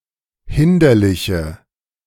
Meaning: inflection of hinderlich: 1. strong/mixed nominative/accusative feminine singular 2. strong nominative/accusative plural 3. weak nominative all-gender singular
- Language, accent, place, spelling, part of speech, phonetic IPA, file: German, Germany, Berlin, hinderliche, adjective, [ˈhɪndɐlɪçə], De-hinderliche.ogg